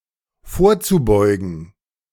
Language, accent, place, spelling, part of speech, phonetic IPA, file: German, Germany, Berlin, vorzubeugen, verb, [ˈfoːɐ̯t͡suˌbɔɪ̯ɡn̩], De-vorzubeugen.ogg
- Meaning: zu-infinitive of vorbeugen